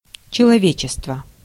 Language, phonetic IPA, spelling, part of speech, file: Russian, [t͡ɕɪɫɐˈvʲet͡ɕɪstvə], человечество, noun, Ru-человечество.ogg
- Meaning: humanity, humankind, mankind (human beings as a group)